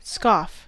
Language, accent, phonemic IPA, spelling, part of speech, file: English, US, /skɔːf/, scoff, noun / verb, En-us-scoff.ogg
- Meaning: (noun) 1. A derisive or mocking expression of scorn, contempt, or reproach 2. An object of scorn, mockery, or derision; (verb) To jeer; to laugh with contempt and derision